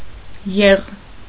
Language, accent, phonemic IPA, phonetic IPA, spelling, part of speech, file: Armenian, Eastern Armenian, /jeʁ/, [jeʁ], եղ, noun, Hy-եղ.ogg
- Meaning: alternative form of յուղ (yuġ)